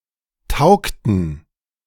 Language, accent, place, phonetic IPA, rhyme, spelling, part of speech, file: German, Germany, Berlin, [ˈtaʊ̯ktn̩], -aʊ̯ktn̩, taugten, verb, De-taugten.ogg
- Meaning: inflection of taugen: 1. first/third-person plural preterite 2. first/third-person plural subjunctive II